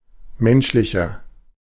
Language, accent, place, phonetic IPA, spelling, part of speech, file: German, Germany, Berlin, [ˈmɛnʃlɪçɐ], menschlicher, adjective, De-menschlicher.ogg
- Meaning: inflection of menschlich: 1. strong/mixed nominative masculine singular 2. strong genitive/dative feminine singular 3. strong genitive plural